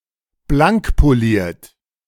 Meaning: polished (intensely cleaned)
- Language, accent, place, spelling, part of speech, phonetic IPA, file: German, Germany, Berlin, blankpoliert, adjective, [ˈblaŋkpoˌliːɐ̯t], De-blankpoliert.ogg